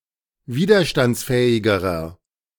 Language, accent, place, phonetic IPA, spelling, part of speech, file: German, Germany, Berlin, [ˈviːdɐʃtant͡sˌfɛːɪɡəʁɐ], widerstandsfähigerer, adjective, De-widerstandsfähigerer.ogg
- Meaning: inflection of widerstandsfähig: 1. strong/mixed nominative masculine singular comparative degree 2. strong genitive/dative feminine singular comparative degree